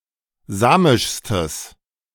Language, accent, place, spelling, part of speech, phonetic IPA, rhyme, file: German, Germany, Berlin, samischstes, adjective, [ˈzaːmɪʃstəs], -aːmɪʃstəs, De-samischstes.ogg
- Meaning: strong/mixed nominative/accusative neuter singular superlative degree of samisch